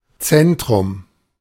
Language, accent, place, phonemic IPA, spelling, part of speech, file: German, Germany, Berlin, /ˈt͡sɛntʁʊm/, Zentrum, noun / proper noun, De-Zentrum.ogg
- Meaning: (noun) center, centre: 1. central point, the middle, e.g. of a circle 2. focus, core, the main point 3. a place (or group of people) that dominates and influences its surroundings, e.g. a capital